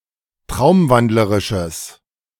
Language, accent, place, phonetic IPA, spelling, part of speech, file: German, Germany, Berlin, [ˈtʁaʊ̯mˌvandləʁɪʃəs], traumwandlerisches, adjective, De-traumwandlerisches.ogg
- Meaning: strong/mixed nominative/accusative neuter singular of traumwandlerisch